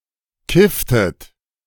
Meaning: inflection of kiffen: 1. second-person plural preterite 2. second-person plural subjunctive II
- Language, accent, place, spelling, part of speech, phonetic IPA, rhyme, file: German, Germany, Berlin, kifftet, verb, [ˈkɪftət], -ɪftət, De-kifftet.ogg